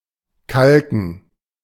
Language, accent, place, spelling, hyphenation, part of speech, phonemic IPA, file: German, Germany, Berlin, kalken, kal‧ken, verb, /ˈkalkn̩/, De-kalken.ogg
- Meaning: 1. to whitewash 2. to lime (treat with lime)